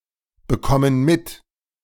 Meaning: inflection of mitbekommen: 1. first/third-person plural present 2. first/third-person plural subjunctive I
- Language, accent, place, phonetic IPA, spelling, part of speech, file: German, Germany, Berlin, [bəˌkɔmən ˈmɪt], bekommen mit, verb, De-bekommen mit.ogg